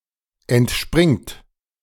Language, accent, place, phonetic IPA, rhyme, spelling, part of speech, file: German, Germany, Berlin, [ɛntˈʃpʁɪŋt], -ɪŋt, entspringt, verb, De-entspringt.ogg
- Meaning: second-person plural present of entspringen